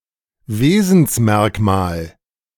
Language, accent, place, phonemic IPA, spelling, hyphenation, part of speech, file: German, Germany, Berlin, /ˈveːzn̩sˌmɛʁkmaːl/, Wesensmerkmal, We‧sens‧merk‧mal, noun, De-Wesensmerkmal.ogg
- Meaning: characteristic